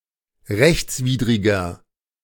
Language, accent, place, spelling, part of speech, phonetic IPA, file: German, Germany, Berlin, rechtswidriger, adjective, [ˈʁɛçt͡sˌviːdʁɪɡɐ], De-rechtswidriger.ogg
- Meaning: 1. comparative degree of rechtswidrig 2. inflection of rechtswidrig: strong/mixed nominative masculine singular 3. inflection of rechtswidrig: strong genitive/dative feminine singular